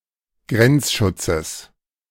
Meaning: genitive singular of Grenzschutz
- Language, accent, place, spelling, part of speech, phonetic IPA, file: German, Germany, Berlin, Grenzschutzes, noun, [ˈɡʁɛnt͡sˌʃʊt͡səs], De-Grenzschutzes.ogg